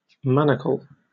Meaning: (noun) 1. A shackle for the wrist, usually consisting of a pair of joined rings; a handcuff; (by extension) a similar device put around an ankle to restrict free movement 2. A fetter, a restriction
- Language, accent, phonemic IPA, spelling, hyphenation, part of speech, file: English, Received Pronunciation, /ˈmænək(ə)l/, manacle, ma‧na‧cle, noun / verb, En-uk-manacle.oga